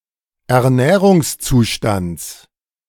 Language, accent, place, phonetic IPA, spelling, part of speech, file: German, Germany, Berlin, [ɛɐ̯ˈnɛːʁʊŋsˌt͡suːʃtant͡s], Ernährungszustands, noun, De-Ernährungszustands.ogg
- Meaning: genitive of Ernährungszustand